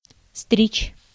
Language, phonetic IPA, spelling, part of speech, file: Russian, [strʲit͡ɕ], стричь, verb, Ru-стричь.ogg
- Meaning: to cut (hair, fur, grass, etc.), to shear, to clip, to trim